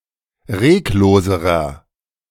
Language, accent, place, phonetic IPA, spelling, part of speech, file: German, Germany, Berlin, [ˈʁeːkˌloːzəʁɐ], regloserer, adjective, De-regloserer.ogg
- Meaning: inflection of reglos: 1. strong/mixed nominative masculine singular comparative degree 2. strong genitive/dative feminine singular comparative degree 3. strong genitive plural comparative degree